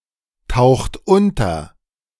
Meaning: inflection of untertauchen: 1. second-person plural present 2. third-person singular present 3. plural imperative
- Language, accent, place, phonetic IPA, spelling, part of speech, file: German, Germany, Berlin, [ˌtaʊ̯xt ˈʊntɐ], taucht unter, verb, De-taucht unter.ogg